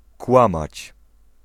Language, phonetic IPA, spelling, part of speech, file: Polish, [ˈkwãmat͡ɕ], kłamać, verb, Pl-kłamać.ogg